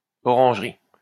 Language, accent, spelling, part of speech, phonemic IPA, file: French, France, orangerie, noun, /ɔ.ʁɑ̃ʒ.ʁi/, LL-Q150 (fra)-orangerie.wav
- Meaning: orangery